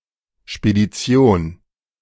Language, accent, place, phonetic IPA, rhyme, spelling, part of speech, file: German, Germany, Berlin, [ʃpediˈt͡si̯oːn], -oːn, Spedition, noun, De-Spedition.ogg
- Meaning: 1. forwarding, carriage, transport, transportation (of goods) 2. forwarding agency, forwarder, haulage firm, hauler, haulier, shipping agency, carrier